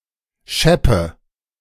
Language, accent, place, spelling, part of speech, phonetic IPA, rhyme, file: German, Germany, Berlin, scheppe, adjective / verb, [ˈʃɛpə], -ɛpə, De-scheppe.ogg
- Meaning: inflection of schepp: 1. strong/mixed nominative/accusative feminine singular 2. strong nominative/accusative plural 3. weak nominative all-gender singular 4. weak accusative feminine/neuter singular